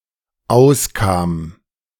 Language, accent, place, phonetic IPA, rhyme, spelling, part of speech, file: German, Germany, Berlin, [ˈaʊ̯sˌkaːm], -aʊ̯skaːm, auskam, verb, De-auskam.ogg
- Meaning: first/third-person singular dependent preterite of auskommen